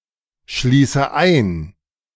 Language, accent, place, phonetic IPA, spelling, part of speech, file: German, Germany, Berlin, [ˌʃliːsə ˈaɪ̯n], schließe ein, verb, De-schließe ein.ogg
- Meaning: inflection of einschließen: 1. first-person singular present 2. first/third-person singular subjunctive I 3. singular imperative